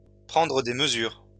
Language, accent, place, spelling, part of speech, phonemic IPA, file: French, France, Lyon, prendre des mesures, verb, /pʁɑ̃.dʁə de m(ə).zyʁ/, LL-Q150 (fra)-prendre des mesures.wav
- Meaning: to take steps; to take action